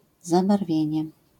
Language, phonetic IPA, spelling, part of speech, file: Polish, [ˌzabarˈvʲjɛ̇̃ɲɛ], zabarwienie, noun, LL-Q809 (pol)-zabarwienie.wav